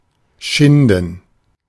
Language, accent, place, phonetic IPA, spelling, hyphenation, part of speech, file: German, Germany, Berlin, [ˈʃɪndn̩], schinden, schin‧den, verb, De-schinden.ogg
- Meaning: 1. to mistreat, maltreat 2. to make an effort, to toil 3. to achieve or obtain something; to make the most of a situation 4. to skin 5. to strip or peel (bark, skin, etc.)